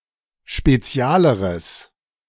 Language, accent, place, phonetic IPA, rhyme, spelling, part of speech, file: German, Germany, Berlin, [ʃpeˈt͡si̯aːləʁəs], -aːləʁəs, spezialeres, adjective, De-spezialeres.ogg
- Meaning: strong/mixed nominative/accusative neuter singular comparative degree of spezial